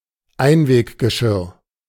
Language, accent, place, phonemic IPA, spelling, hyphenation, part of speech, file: German, Germany, Berlin, /ˈaɪ̯nveːkɡəˌʃɪʁ/, Einweggeschirr, Ein‧weg‧ge‧schirr, noun, De-Einweggeschirr.ogg
- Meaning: disposable tableware